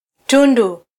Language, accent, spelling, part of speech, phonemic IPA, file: Swahili, Kenya, tundu, noun, /ˈtu.ⁿdu/, Sw-ke-tundu.flac
- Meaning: 1. augmentative of tundu ([[Appendix:Swahili_noun_classes#N class|n class_((IX/X))]]): big hole 2. den, nest